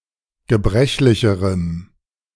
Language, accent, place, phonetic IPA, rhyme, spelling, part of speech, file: German, Germany, Berlin, [ɡəˈbʁɛçlɪçəʁəm], -ɛçlɪçəʁəm, gebrechlicherem, adjective, De-gebrechlicherem.ogg
- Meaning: strong dative masculine/neuter singular comparative degree of gebrechlich